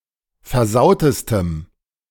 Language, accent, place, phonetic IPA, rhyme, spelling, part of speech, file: German, Germany, Berlin, [fɛɐ̯ˈzaʊ̯təstəm], -aʊ̯təstəm, versautestem, adjective, De-versautestem.ogg
- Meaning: strong dative masculine/neuter singular superlative degree of versaut